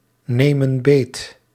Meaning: inflection of beetnemen: 1. plural present indicative 2. plural present subjunctive
- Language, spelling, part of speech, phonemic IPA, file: Dutch, nemen beet, verb, /ˈnemə(n) ˈbet/, Nl-nemen beet.ogg